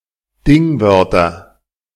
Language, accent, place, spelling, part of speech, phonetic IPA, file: German, Germany, Berlin, Dingwörter, noun, [ˈdɪŋˌvœʁtɐ], De-Dingwörter.ogg
- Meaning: nominative/accusative/genitive plural of Dingwort